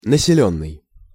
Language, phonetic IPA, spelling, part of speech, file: Russian, [nəsʲɪˈlʲɵnːɨj], населённый, verb / adjective, Ru-населённый.ogg
- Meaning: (verb) past passive perfective participle of насели́ть (naselítʹ); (adjective) highly populated